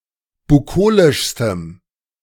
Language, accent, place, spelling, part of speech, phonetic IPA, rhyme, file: German, Germany, Berlin, bukolischstem, adjective, [buˈkoːlɪʃstəm], -oːlɪʃstəm, De-bukolischstem.ogg
- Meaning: strong dative masculine/neuter singular superlative degree of bukolisch